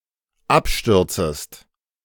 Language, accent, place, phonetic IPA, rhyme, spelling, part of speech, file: German, Germany, Berlin, [ˈapˌʃtʏʁt͡səst], -apʃtʏʁt͡səst, abstürzest, verb, De-abstürzest.ogg
- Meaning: second-person singular dependent subjunctive I of abstürzen